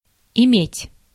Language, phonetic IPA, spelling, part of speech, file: Russian, [ɪˈmʲetʲ], иметь, verb, Ru-иметь.ogg
- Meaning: 1. to have, to possess 2. to fuck, to have 3. to have to; to be obliged (to do something)